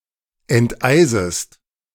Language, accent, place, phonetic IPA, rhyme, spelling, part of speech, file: German, Germany, Berlin, [ɛntˈʔaɪ̯zəst], -aɪ̯zəst, enteisest, verb, De-enteisest.ogg
- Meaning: second-person singular subjunctive I of enteisen